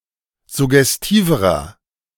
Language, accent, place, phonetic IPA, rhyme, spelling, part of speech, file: German, Germany, Berlin, [zʊɡɛsˈtiːvəʁɐ], -iːvəʁɐ, suggestiverer, adjective, De-suggestiverer.ogg
- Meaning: inflection of suggestiv: 1. strong/mixed nominative masculine singular comparative degree 2. strong genitive/dative feminine singular comparative degree 3. strong genitive plural comparative degree